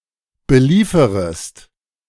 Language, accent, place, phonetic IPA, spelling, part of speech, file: German, Germany, Berlin, [bəˈliːfəʁəst], belieferest, verb, De-belieferest.ogg
- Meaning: second-person singular subjunctive I of beliefern